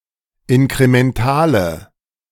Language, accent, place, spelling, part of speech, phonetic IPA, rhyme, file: German, Germany, Berlin, inkrementale, adjective, [ɪnkʁemɛnˈtaːlə], -aːlə, De-inkrementale.ogg
- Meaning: inflection of inkremental: 1. strong/mixed nominative/accusative feminine singular 2. strong nominative/accusative plural 3. weak nominative all-gender singular